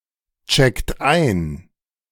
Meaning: inflection of einchecken: 1. third-person singular present 2. second-person plural present 3. plural imperative
- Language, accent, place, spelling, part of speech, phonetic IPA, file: German, Germany, Berlin, checkt ein, verb, [ˌt͡ʃɛkt ˈaɪ̯n], De-checkt ein.ogg